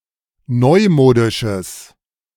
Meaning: strong/mixed nominative/accusative neuter singular of neumodisch
- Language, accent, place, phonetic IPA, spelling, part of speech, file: German, Germany, Berlin, [ˈnɔɪ̯ˌmoːdɪʃəs], neumodisches, adjective, De-neumodisches.ogg